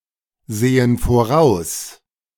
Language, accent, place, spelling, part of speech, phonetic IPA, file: German, Germany, Berlin, sehen voraus, verb, [ˌzeːən foˈʁaʊ̯s], De-sehen voraus.ogg
- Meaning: inflection of voraussehen: 1. first/third-person plural present 2. first/third-person plural subjunctive I